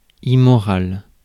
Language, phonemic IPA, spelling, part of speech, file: French, /i.mɔ.ʁal/, immoral, adjective, Fr-immoral.ogg
- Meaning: immoral